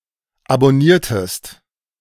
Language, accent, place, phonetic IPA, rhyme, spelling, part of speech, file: German, Germany, Berlin, [abɔˈniːɐ̯təst], -iːɐ̯təst, abonniertest, verb, De-abonniertest.ogg
- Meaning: inflection of abonnieren: 1. second-person singular preterite 2. second-person singular subjunctive II